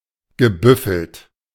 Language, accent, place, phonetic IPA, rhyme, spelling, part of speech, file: German, Germany, Berlin, [ɡəˈbʏfl̩t], -ʏfl̩t, gebüffelt, verb, De-gebüffelt.ogg
- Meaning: past participle of büffeln